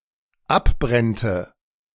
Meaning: first/third-person singular dependent subjunctive II of abbrennen
- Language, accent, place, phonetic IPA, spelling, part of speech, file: German, Germany, Berlin, [ˈapˌbʁɛntə], abbrennte, verb, De-abbrennte.ogg